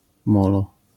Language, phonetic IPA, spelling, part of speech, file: Polish, [ˈmɔlɔ], molo, noun, LL-Q809 (pol)-molo.wav